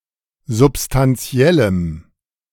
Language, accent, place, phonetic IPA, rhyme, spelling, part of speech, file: German, Germany, Berlin, [zʊpstanˈt͡si̯ɛləm], -ɛləm, substantiellem, adjective, De-substantiellem.ogg
- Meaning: strong dative masculine/neuter singular of substantiell